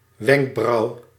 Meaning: eyebrow
- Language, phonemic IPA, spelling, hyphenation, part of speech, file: Dutch, /ˈʋɛŋk.brɑu̯/, wenkbrauw, wenk‧brauw, noun, Nl-wenkbrauw.ogg